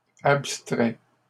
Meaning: third-person plural present indicative/subjunctive of abstraire
- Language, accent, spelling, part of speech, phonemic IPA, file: French, Canada, abstraient, verb, /ap.stʁɛ/, LL-Q150 (fra)-abstraient.wav